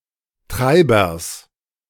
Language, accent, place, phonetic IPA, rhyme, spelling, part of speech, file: German, Germany, Berlin, [ˈtʁaɪ̯bɐs], -aɪ̯bɐs, Treibers, noun, De-Treibers.ogg
- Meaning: genitive singular of Treiber